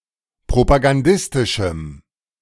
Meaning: strong dative masculine/neuter singular of propagandistisch
- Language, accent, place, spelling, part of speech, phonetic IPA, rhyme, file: German, Germany, Berlin, propagandistischem, adjective, [pʁopaɡanˈdɪstɪʃm̩], -ɪstɪʃm̩, De-propagandistischem.ogg